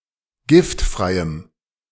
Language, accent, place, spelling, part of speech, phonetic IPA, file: German, Germany, Berlin, giftfreiem, adjective, [ˈɡɪftˌfʁaɪ̯əm], De-giftfreiem.ogg
- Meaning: strong dative masculine/neuter singular of giftfrei